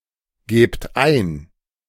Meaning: inflection of eingeben: 1. second-person plural present 2. plural imperative
- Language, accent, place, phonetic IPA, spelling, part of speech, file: German, Germany, Berlin, [ˌɡeːpt ˈaɪ̯n], gebt ein, verb, De-gebt ein.ogg